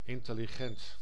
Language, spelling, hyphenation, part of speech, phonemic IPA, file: Dutch, intelligent, in‧tel‧li‧gent, adjective, /ˌɪn.tə.liˈɣɛnt/, Nl-intelligent.ogg
- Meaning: intelligent, bright, smart